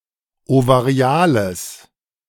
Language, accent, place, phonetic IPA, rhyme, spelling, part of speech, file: German, Germany, Berlin, [ovaˈʁi̯aːləs], -aːləs, ovariales, adjective, De-ovariales.ogg
- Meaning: strong/mixed nominative/accusative neuter singular of ovarial